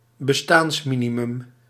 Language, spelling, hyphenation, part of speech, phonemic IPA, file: Dutch, bestaansminimum, be‧staans‧mi‧ni‧mum, noun, /bəˈstaːnsˌmi.ni.mʏm/, Nl-bestaansminimum.ogg
- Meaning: 1. subsistence income 2. legally set minimum income